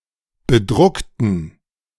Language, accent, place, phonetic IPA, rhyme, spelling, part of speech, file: German, Germany, Berlin, [bəˈdʁʊktn̩], -ʊktn̩, bedruckten, adjective / verb, De-bedruckten.ogg
- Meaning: inflection of bedruckt: 1. strong genitive masculine/neuter singular 2. weak/mixed genitive/dative all-gender singular 3. strong/weak/mixed accusative masculine singular 4. strong dative plural